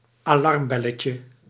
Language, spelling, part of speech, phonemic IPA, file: Dutch, alarmbelletje, noun, /aˈlɑrmbɛləcə/, Nl-alarmbelletje.ogg
- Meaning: diminutive of alarmbel